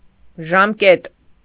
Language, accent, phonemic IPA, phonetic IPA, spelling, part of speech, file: Armenian, Eastern Armenian, /ʒɑmˈket/, [ʒɑmkét], ժամկետ, noun, Hy-ժամկետ.ogg
- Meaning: term, period, time limit